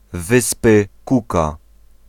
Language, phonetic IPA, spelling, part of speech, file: Polish, [ˈvɨspɨ ˈkuka], Wyspy Cooka, proper noun, Pl-Wyspy Cooka.ogg